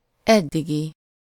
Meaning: until now, so far
- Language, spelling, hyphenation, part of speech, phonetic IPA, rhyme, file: Hungarian, eddigi, ed‧di‧gi, adjective, [ˈɛdːiɡi], -ɡi, Hu-eddigi.ogg